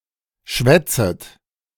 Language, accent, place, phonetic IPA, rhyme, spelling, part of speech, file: German, Germany, Berlin, [ˈʃvɛt͡sət], -ɛt͡sət, schwätzet, verb, De-schwätzet.ogg
- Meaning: second-person plural subjunctive I of schwätzen